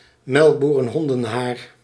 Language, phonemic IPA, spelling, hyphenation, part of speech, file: Dutch, /mɛlk.bu.rə(n)ˈɦɔn.də(n)ˌɦaːr/, melkboerenhondenhaar, melk‧boe‧ren‧hon‧den‧haar, noun, Nl-melkboerenhondenhaar.ogg
- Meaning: damaged and light, often yellowish, outgrowths of hair